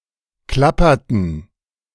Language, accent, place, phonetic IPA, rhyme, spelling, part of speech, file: German, Germany, Berlin, [ˈklapɐtn̩], -apɐtn̩, klapperten, verb, De-klapperten.ogg
- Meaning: inflection of klappern: 1. first/third-person plural preterite 2. first/third-person plural subjunctive II